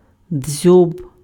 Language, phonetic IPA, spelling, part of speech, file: Ukrainian, [d͡zʲɔb], дзьоб, noun, Uk-дзьоб.ogg
- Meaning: beak, bill (of a bird)